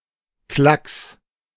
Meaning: 1. something unimportant or easy 2. blob, dab
- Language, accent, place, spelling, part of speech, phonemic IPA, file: German, Germany, Berlin, Klacks, noun, /klaks/, De-Klacks.ogg